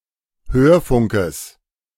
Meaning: genitive singular of Hörfunk
- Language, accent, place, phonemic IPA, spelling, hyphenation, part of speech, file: German, Germany, Berlin, /ˈhøːɐ̯ˌfʊŋkəs/, Hörfunkes, Hör‧fun‧kes, noun, De-Hörfunkes.ogg